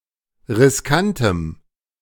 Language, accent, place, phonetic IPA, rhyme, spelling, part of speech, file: German, Germany, Berlin, [ʁɪsˈkantəm], -antəm, riskantem, adjective, De-riskantem.ogg
- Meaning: strong dative masculine/neuter singular of riskant